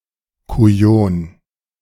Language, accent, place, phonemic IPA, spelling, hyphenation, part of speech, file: German, Germany, Berlin, /kuˈjoːn/, Kujon, Ku‧jon, noun, De-Kujon.ogg
- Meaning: a despicable and honourless man, a bastard, rotter, especially a coward, backstabber, swindler